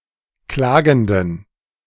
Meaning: inflection of klagend: 1. strong genitive masculine/neuter singular 2. weak/mixed genitive/dative all-gender singular 3. strong/weak/mixed accusative masculine singular 4. strong dative plural
- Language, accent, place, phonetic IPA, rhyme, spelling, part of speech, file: German, Germany, Berlin, [ˈklaːɡn̩dən], -aːɡn̩dən, klagenden, adjective, De-klagenden.ogg